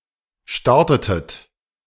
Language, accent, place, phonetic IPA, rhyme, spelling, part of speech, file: German, Germany, Berlin, [ˈʃtaʁtətət], -aʁtətət, startetet, verb, De-startetet.ogg
- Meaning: inflection of starten: 1. second-person plural preterite 2. second-person plural subjunctive II